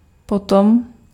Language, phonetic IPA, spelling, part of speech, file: Czech, [ˈpotom], potom, adverb, Cs-potom.ogg
- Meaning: afterwards, subsequently